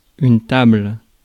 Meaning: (noun) 1. table (furniture with a top surface to accommodate a variety of uses) 2. flat surface atop various objects 3. flat part of a cut or carved object 4. table of a stringed instrument
- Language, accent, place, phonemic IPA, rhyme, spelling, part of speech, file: French, France, Paris, /tabl/, -abl, table, noun / verb, Fr-table.ogg